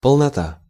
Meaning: 1. completeness, coverage 2. fullness, fulness 3. plenitude 4. entirety 5. integrality 6. integrity 7. fleshiness 8. obesity 9. fat, fatness, plumpness 10. embonpoint 11. amplitude (magnitude)
- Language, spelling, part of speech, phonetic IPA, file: Russian, полнота, noun, [pəɫnɐˈta], Ru-полнота.ogg